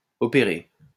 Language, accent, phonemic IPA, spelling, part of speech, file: French, France, /ɔ.pe.ʁe/, opéré, verb, LL-Q150 (fra)-opéré.wav
- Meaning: past participle of opérer